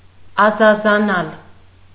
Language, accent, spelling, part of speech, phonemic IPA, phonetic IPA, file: Armenian, Eastern Armenian, ազազանալ, verb, /ɑzɑzɑˈnɑl/, [ɑzɑzɑnɑ́l], Hy-ազազանալ.ogg
- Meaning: alternative form of ազազել (azazel)